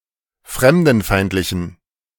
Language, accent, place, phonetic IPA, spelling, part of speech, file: German, Germany, Berlin, [ˈfʁɛmdn̩ˌfaɪ̯ntlɪçn̩], fremdenfeindlichen, adjective, De-fremdenfeindlichen.ogg
- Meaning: inflection of fremdenfeindlich: 1. strong genitive masculine/neuter singular 2. weak/mixed genitive/dative all-gender singular 3. strong/weak/mixed accusative masculine singular